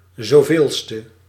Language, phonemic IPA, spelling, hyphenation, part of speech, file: Dutch, /ˌzoːˈveːl.stə/, zoveelste, zo‧veel‧ste, adjective, Nl-zoveelste.ogg
- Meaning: nth, umpteenth; so-manieth